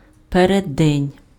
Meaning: 1. eve (time before a significant event) 2. morning, predaytime
- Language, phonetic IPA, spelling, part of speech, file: Ukrainian, [pereˈdːɛnʲ], переддень, noun, Uk-переддень.ogg